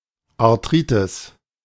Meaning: arthritis
- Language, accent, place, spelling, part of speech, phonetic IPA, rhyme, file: German, Germany, Berlin, Arthritis, noun, [aʁˈtʁiːtɪs], -iːtɪs, De-Arthritis.ogg